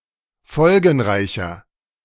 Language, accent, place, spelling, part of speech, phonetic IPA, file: German, Germany, Berlin, folgenreicher, adjective, [ˈfɔlɡn̩ˌʁaɪ̯çɐ], De-folgenreicher.ogg
- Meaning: 1. comparative degree of folgenreich 2. inflection of folgenreich: strong/mixed nominative masculine singular 3. inflection of folgenreich: strong genitive/dative feminine singular